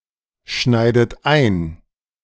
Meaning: inflection of einschneiden: 1. third-person singular present 2. second-person plural present 3. second-person plural subjunctive I 4. plural imperative
- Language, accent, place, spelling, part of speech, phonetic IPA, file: German, Germany, Berlin, schneidet ein, verb, [ˌʃnaɪ̯dət ˈaɪ̯n], De-schneidet ein.ogg